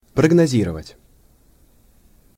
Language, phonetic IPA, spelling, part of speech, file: Russian, [prəɡnɐˈzʲirəvətʲ], прогнозировать, verb, Ru-прогнозировать.ogg
- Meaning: to predict, to foretell, to prognosticate